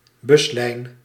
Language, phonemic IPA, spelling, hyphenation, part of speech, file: Dutch, /ˈbʏs.lɛi̯n/, buslijn, bus‧lijn, noun, Nl-buslijn.ogg
- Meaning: bus route, bus line